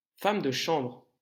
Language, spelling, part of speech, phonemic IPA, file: French, femme de chambre, noun, /fam də ʃɑ̃bʁ/, LL-Q150 (fra)-femme de chambre.wav
- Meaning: chambermaid